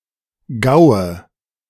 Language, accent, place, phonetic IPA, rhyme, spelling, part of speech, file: German, Germany, Berlin, [ɡaʊ̯ə], -aʊ̯ə, Gaue, noun, De-Gaue.ogg
- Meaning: nominative/accusative/genitive plural of Gau